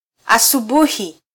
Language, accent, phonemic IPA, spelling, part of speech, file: Swahili, Kenya, /ɑ.suˈɓu.hi/, asubuhi, noun, Sw-ke-asubuhi.flac
- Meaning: morning